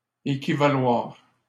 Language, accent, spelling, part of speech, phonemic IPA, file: French, Canada, équivaloir, verb, /e.ki.va.lwaʁ/, LL-Q150 (fra)-équivaloir.wav
- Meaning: 1. to be equivalent 2. to be equivalent, to be the same